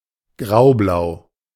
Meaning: grey-blue, powder blue
- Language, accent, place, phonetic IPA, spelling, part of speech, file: German, Germany, Berlin, [ˈɡʁaʊ̯blaʊ̯], graublau, adjective, De-graublau.ogg